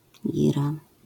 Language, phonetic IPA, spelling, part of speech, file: Polish, [ˈɟira], gira, noun, LL-Q809 (pol)-gira.wav